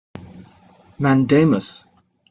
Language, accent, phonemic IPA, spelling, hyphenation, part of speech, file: English, Received Pronunciation, /mænˈdeɪməs/, mandamus, man‧da‧mus, noun / verb, En-uk-mandamus.opus
- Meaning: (noun) A common law prerogative writ that compels a court or government officer to perform mandatory or purely ministerial duties correctly; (verb) To serve a writ of this kind upon